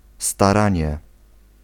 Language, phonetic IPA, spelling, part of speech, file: Polish, [staˈrãɲɛ], staranie, noun, Pl-staranie.ogg